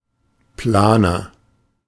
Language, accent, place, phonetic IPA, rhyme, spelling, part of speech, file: German, Germany, Berlin, [ˈplaːnɐ], -aːnɐ, planer, adjective, De-planer.ogg
- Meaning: inflection of plan: 1. strong/mixed nominative masculine singular 2. strong genitive/dative feminine singular 3. strong genitive plural